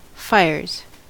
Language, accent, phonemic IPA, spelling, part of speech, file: English, US, /ˈfaɪ̯ɚz/, fires, noun / verb, En-us-fires.ogg
- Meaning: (noun) plural of fire; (verb) third-person singular simple present indicative of fire